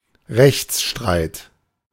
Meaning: legal dispute, lawsuit, litigation
- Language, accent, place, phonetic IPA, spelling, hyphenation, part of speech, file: German, Germany, Berlin, [ˈʁɛçtsˌʃtʁaɪ̯t], Rechtsstreit, Rechts‧streit, noun, De-Rechtsstreit.ogg